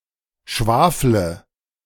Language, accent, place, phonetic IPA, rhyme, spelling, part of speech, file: German, Germany, Berlin, [ˈʃvaːflə], -aːflə, schwafle, verb, De-schwafle.ogg
- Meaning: inflection of schwafeln: 1. first-person singular present 2. singular imperative 3. first/third-person singular subjunctive I